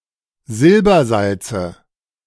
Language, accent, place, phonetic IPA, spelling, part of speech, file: German, Germany, Berlin, [ˈzɪlbɐˌzalt͡sə], Silbersalze, noun, De-Silbersalze.ogg
- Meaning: nominative/accusative/genitive plural of Silbersalz